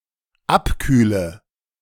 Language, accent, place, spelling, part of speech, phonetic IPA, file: German, Germany, Berlin, abkühle, verb, [ˈapˌkyːlə], De-abkühle.ogg
- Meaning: inflection of abkühlen: 1. first-person singular dependent present 2. first/third-person singular dependent subjunctive I